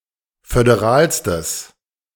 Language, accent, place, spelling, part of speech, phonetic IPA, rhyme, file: German, Germany, Berlin, föderalstes, adjective, [fødeˈʁaːlstəs], -aːlstəs, De-föderalstes.ogg
- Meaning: strong/mixed nominative/accusative neuter singular superlative degree of föderal